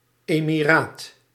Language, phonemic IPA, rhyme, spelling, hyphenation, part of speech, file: Dutch, /ˌeː.miˈraːt/, -aːt, emiraat, emi‧raat, noun, Nl-emiraat.ogg
- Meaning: 1. an emirate, state or territory ruled by an emir 2. the office of emir, whether a ruler, general or other leader